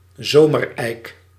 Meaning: pedunculate oak, common oak, European oak (Quercus robur)
- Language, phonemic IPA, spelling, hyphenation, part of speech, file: Dutch, /ˈzoː.mərˌɛi̯k/, zomereik, zo‧mer‧eik, noun, Nl-zomereik.ogg